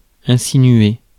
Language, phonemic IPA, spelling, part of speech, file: French, /ɛ̃.si.nɥe/, insinuer, verb, Fr-insinuer.ogg
- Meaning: 1. insinuate (make way for by subtle means) 2. insinuate; hint